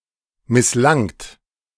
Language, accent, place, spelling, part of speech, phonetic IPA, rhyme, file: German, Germany, Berlin, misslangt, verb, [mɪsˈlaŋt], -aŋt, De-misslangt.ogg
- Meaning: second-person plural preterite of misslingen